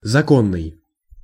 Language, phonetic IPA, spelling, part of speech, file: Russian, [zɐˈkonːɨj], законный, adjective, Ru-законный.ogg
- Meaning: lawful, legal (conforming to or recognised by law or rules)